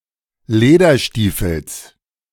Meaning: genitive singular of Lederstiefel
- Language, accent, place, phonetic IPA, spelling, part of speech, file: German, Germany, Berlin, [ˈleːdɐˌʃtiːfl̩s], Lederstiefels, noun, De-Lederstiefels.ogg